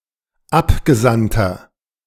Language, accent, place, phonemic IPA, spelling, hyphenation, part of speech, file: German, Germany, Berlin, /ˈapɡəˌzantɐ/, Abgesandter, Ab‧ge‧sand‧ter, noun, De-Abgesandter.ogg
- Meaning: 1. emissary (male or of unspecified gender) 2. inflection of Abgesandte: strong genitive/dative singular 3. inflection of Abgesandte: strong genitive plural